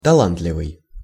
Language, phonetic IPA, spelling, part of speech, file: Russian, [tɐˈɫantlʲɪvɨj], талантливый, adjective, Ru-талантливый.ogg
- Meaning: 1. gifted, talented 2. performed with talent